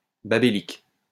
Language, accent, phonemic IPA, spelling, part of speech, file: French, France, /ba.be.lik/, babélique, adjective, LL-Q150 (fra)-babélique.wav
- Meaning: Babelic